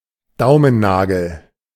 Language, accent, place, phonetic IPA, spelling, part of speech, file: German, Germany, Berlin, [ˈdaʊ̯mənˌnaːɡl̩], Daumennagel, noun, De-Daumennagel.ogg
- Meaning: thumbnail